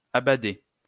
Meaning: feminine plural of abadé
- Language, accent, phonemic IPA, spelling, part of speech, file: French, France, /a.ba.de/, abadées, verb, LL-Q150 (fra)-abadées.wav